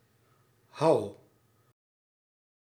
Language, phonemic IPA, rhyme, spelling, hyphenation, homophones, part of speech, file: Dutch, /ɦɑu̯/, -ɑu̯, hou, hou, houw / Houw, adjective / verb, Nl-hou.ogg
- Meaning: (adjective) friendly, of a favourable disposition; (verb) inflection of houden: 1. first-person singular present indicative 2. second-person singular present indicative 3. imperative